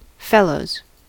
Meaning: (noun) plural of fellow; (verb) third-person singular simple present indicative of fellow
- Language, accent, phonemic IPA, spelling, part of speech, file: English, US, /ˈfɛloʊz/, fellows, noun / verb, En-us-fellows.ogg